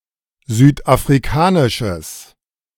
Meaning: strong/mixed nominative/accusative neuter singular of südafrikanisch
- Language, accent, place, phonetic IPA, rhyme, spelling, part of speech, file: German, Germany, Berlin, [ˌzyːtʔafʁiˈkaːnɪʃəs], -aːnɪʃəs, südafrikanisches, adjective, De-südafrikanisches.ogg